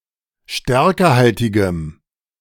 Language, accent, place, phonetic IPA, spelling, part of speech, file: German, Germany, Berlin, [ˈʃtɛʁkəhaltɪɡəm], stärkehaltigem, adjective, De-stärkehaltigem.ogg
- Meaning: strong dative masculine/neuter singular of stärkehaltig